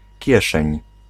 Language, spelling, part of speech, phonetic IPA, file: Polish, kieszeń, noun, [ˈcɛʃɛ̃ɲ], Pl-kieszeń.ogg